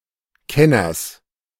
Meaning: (noun) genitive singular of Kenner
- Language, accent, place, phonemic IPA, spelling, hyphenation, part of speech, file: German, Germany, Berlin, /ˈkɛnɐs/, Kenners, Ken‧ners, noun / proper noun, De-Kenners.ogg